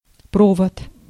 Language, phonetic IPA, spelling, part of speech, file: Russian, [ˈprovət], провод, noun, Ru-провод.ogg
- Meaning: wire, lead, conductor